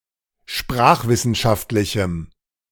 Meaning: strong dative masculine/neuter singular of sprachwissenschaftlich
- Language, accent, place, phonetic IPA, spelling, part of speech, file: German, Germany, Berlin, [ˈʃpʁaːxvɪsn̩ˌʃaftlɪçm̩], sprachwissenschaftlichem, adjective, De-sprachwissenschaftlichem.ogg